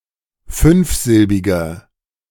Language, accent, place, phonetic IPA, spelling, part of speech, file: German, Germany, Berlin, [ˈfʏnfˌzɪlbɪɡɐ], fünfsilbiger, adjective, De-fünfsilbiger.ogg
- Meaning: inflection of fünfsilbig: 1. strong/mixed nominative masculine singular 2. strong genitive/dative feminine singular 3. strong genitive plural